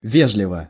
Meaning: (adverb) 1. politely, civilly 2. blandly 3. correctly 4. gracefully 5. obligingly; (adjective) short neuter singular of ве́жливый (véžlivyj)
- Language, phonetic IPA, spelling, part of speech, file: Russian, [ˈvʲeʐlʲɪvə], вежливо, adverb / adjective, Ru-вежливо.ogg